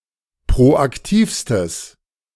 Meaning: strong/mixed nominative/accusative neuter singular superlative degree of proaktiv
- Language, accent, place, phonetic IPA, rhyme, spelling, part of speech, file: German, Germany, Berlin, [pʁoʔakˈtiːfstəs], -iːfstəs, proaktivstes, adjective, De-proaktivstes.ogg